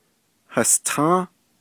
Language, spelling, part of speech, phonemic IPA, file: Navajo, hastą́ą́, numeral, /hɑ̀stʰɑ̃́ː/, Nv-hastą́ą́.ogg
- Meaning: six